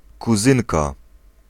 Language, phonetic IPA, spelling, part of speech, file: Polish, [kuˈzɨ̃nka], kuzynka, noun, Pl-kuzynka.ogg